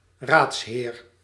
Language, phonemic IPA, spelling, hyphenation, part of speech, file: Dutch, /ˈraːts.ɦeːr/, raadsheer, raads‧heer, noun, Nl-raadsheer.ogg
- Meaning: 1. a male councillor 2. a justice (high-ranking judge) of either gender 3. a bishop